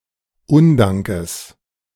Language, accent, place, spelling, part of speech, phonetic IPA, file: German, Germany, Berlin, Undankes, noun, [ˈʊndaŋkəs], De-Undankes.ogg
- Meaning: genitive of Undank